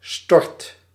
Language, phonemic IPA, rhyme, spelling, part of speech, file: Dutch, /stɔrt/, -ɔrt, stort, noun / verb, Nl-stort.ogg
- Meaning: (noun) a place where waste or garbage is left, a dump; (verb) inflection of storten: 1. first/second/third-person singular present indicative 2. imperative